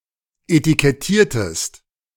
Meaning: inflection of etikettieren: 1. second-person singular preterite 2. second-person singular subjunctive II
- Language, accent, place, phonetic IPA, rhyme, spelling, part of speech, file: German, Germany, Berlin, [etikɛˈtiːɐ̯təst], -iːɐ̯təst, etikettiertest, verb, De-etikettiertest.ogg